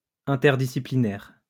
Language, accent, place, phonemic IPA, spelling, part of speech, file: French, France, Lyon, /ɛ̃.tɛʁ.di.si.pli.nɛʁ/, interdisciplinaire, adjective, LL-Q150 (fra)-interdisciplinaire.wav
- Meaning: interdisciplinary